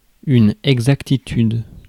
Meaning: exactitude, accuracy
- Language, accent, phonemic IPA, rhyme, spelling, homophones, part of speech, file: French, France, /ɛɡ.zak.ti.tyd/, -yd, exactitude, exactitudes, noun, Fr-exactitude.ogg